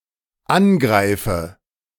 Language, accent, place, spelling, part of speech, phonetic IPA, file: German, Germany, Berlin, angreife, verb, [ˈanˌɡʁaɪ̯fə], De-angreife.ogg
- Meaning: inflection of angreifen: 1. first-person singular dependent present 2. first/third-person singular dependent subjunctive I